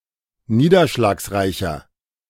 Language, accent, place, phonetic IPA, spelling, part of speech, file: German, Germany, Berlin, [ˈniːdɐʃlaːksˌʁaɪ̯çɐ], niederschlagsreicher, adjective, De-niederschlagsreicher.ogg
- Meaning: 1. comparative degree of niederschlagsreich 2. inflection of niederschlagsreich: strong/mixed nominative masculine singular